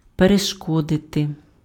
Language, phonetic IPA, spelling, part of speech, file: Ukrainian, [pereʃˈkɔdete], перешкодити, verb, Uk-перешкодити.ogg
- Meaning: to prevent, to hinder, to obstruct, to impede, to hamper [with dative] (be an obstacle to)